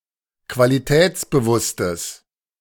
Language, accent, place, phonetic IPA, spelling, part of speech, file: German, Germany, Berlin, [kvaliˈtɛːt͡sbəˌvʊstəs], qualitätsbewusstes, adjective, De-qualitätsbewusstes.ogg
- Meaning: strong/mixed nominative/accusative neuter singular of qualitätsbewusst